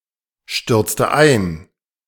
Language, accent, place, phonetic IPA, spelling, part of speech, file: German, Germany, Berlin, [ˌʃtʏʁt͡stə ˈaɪ̯n], stürzte ein, verb, De-stürzte ein.ogg
- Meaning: inflection of einstürzen: 1. first/third-person singular preterite 2. first/third-person singular subjunctive II